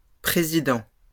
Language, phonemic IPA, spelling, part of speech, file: French, /pʁe.zi.dɑ̃/, présidents, noun, LL-Q150 (fra)-présidents.wav
- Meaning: plural of président